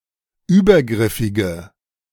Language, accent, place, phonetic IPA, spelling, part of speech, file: German, Germany, Berlin, [ˈyːbɐˌɡʁɪfɪɡə], übergriffige, adjective, De-übergriffige.ogg
- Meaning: inflection of übergriffig: 1. strong/mixed nominative/accusative feminine singular 2. strong nominative/accusative plural 3. weak nominative all-gender singular